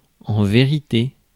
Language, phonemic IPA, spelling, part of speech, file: French, /ve.ʁi.te/, vérité, noun, Fr-vérité.ogg
- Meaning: truth